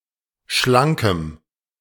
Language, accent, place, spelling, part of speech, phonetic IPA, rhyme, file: German, Germany, Berlin, schlankem, adjective, [ˈʃlaŋkəm], -aŋkəm, De-schlankem.ogg
- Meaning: strong dative masculine/neuter singular of schlank